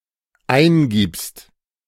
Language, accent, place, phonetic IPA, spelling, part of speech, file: German, Germany, Berlin, [ˈaɪ̯nˌɡiːpst], eingibst, verb, De-eingibst.ogg
- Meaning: second-person singular dependent present of eingeben